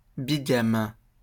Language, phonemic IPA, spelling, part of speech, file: French, /bi.ɡam/, bigame, adjective / noun, LL-Q150 (fra)-bigame.wav
- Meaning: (adjective) bigamous; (noun) bigamist (someone who practices bigamy)